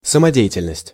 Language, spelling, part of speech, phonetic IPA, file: Russian, самодеятельность, noun, [səmɐˈdʲe(j)ɪtʲɪlʲnəsʲtʲ], Ru-самодеятельность.ogg
- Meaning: 1. amateur cultural activity 2. initiative, spontaneous action 3. unauthorized activity